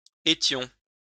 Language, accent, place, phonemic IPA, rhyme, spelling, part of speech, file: French, France, Lyon, /e.tjɔ̃/, -ɔ̃, étions, verb, LL-Q150 (fra)-étions.wav
- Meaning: first-person plural imperfect indicative of être